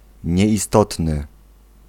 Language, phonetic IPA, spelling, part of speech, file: Polish, [ˌɲɛʲiˈstɔtnɨ], nieistotny, adjective, Pl-nieistotny.ogg